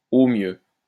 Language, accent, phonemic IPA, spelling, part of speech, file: French, France, /o mjø/, au mieux, adverb, LL-Q150 (fra)-au mieux.wav
- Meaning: at best; best-case scenario